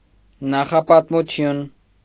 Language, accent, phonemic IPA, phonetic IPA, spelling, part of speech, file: Armenian, Eastern Armenian, /nɑχɑpɑtmuˈtʰjun/, [nɑχɑpɑtmut͡sʰjún], նախապատմություն, noun, Hy-նախապատմություն.ogg
- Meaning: prehistory